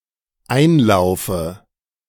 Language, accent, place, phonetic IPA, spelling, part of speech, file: German, Germany, Berlin, [ˈaɪ̯nˌlaʊ̯fə], einlaufe, verb, De-einlaufe.ogg
- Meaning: inflection of einlaufen: 1. first-person singular dependent present 2. first/third-person singular dependent subjunctive I